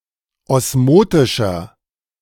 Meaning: inflection of osmotisch: 1. strong/mixed nominative masculine singular 2. strong genitive/dative feminine singular 3. strong genitive plural
- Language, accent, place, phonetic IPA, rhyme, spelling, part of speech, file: German, Germany, Berlin, [ˌɔsˈmoːtɪʃɐ], -oːtɪʃɐ, osmotischer, adjective, De-osmotischer.ogg